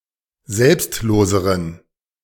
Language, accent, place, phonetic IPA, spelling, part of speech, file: German, Germany, Berlin, [ˈzɛlpstˌloːzəʁən], selbstloseren, adjective, De-selbstloseren.ogg
- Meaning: inflection of selbstlos: 1. strong genitive masculine/neuter singular comparative degree 2. weak/mixed genitive/dative all-gender singular comparative degree